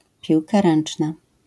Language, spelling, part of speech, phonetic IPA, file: Polish, piłka ręczna, noun, [ˈpʲiwka ˈrɛ̃n͇t͡ʃna], LL-Q809 (pol)-piłka ręczna.wav